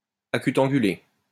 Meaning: acute-angled
- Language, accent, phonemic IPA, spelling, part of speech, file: French, France, /a.ky.tɑ̃.ɡy.le/, acutangulé, adjective, LL-Q150 (fra)-acutangulé.wav